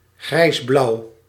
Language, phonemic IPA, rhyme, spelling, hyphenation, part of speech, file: Dutch, /ɣrɛi̯sˈblɑu̯/, -ɑu̯, grijsblauw, grijs‧blauw, adjective, Nl-grijsblauw.ogg
- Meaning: blue-grey, grey-blue